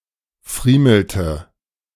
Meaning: inflection of friemeln: 1. first/third-person singular preterite 2. first/third-person singular subjunctive II
- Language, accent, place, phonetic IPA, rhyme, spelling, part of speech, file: German, Germany, Berlin, [ˈfʁiːml̩tə], -iːml̩tə, friemelte, verb, De-friemelte.ogg